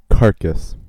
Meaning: 1. The body of a dead animal, especially a vertebrate or other animal having flesh 2. The body of a slaughtered animal, stripped of unwanted viscera, etc 3. The body of a dead human, a corpse
- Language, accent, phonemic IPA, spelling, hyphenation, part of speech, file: English, US, /ˈkɑɹkəs/, carcass, car‧cass, noun, En-us-carcass.ogg